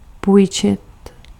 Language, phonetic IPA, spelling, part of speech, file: Czech, [ˈpuːjt͡ʃɪt], půjčit, verb, Cs-půjčit.ogg
- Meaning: 1. to lend 2. to borrow